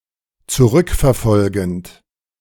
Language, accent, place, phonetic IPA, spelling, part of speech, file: German, Germany, Berlin, [t͡suˈʁʏkfɛɐ̯ˌfɔlɡn̩t], zurückverfolgend, verb, De-zurückverfolgend.ogg
- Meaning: present participle of zurückverfolgen